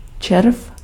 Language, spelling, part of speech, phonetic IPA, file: Czech, červ, noun, [ˈt͡ʃɛrf], Cs-červ.ogg
- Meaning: 1. worm (animal) 2. maggot (soft, legless fly larva that often eats decomposing organic matter) 3. worm, maggot (contemptible or devious being)